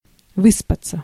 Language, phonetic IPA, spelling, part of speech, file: Russian, [ˈvɨspət͡sə], выспаться, verb, Ru-выспаться.ogg
- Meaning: 1. to sleep in, to sleep one's fill 2. to get some sleep, to get a good night's sleep, to catch some z's